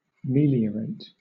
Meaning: 1. To make better; to improve; to solve a problem 2. To become better
- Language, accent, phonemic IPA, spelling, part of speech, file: English, Southern England, /ˈmiːli.əɹeɪt/, meliorate, verb, LL-Q1860 (eng)-meliorate.wav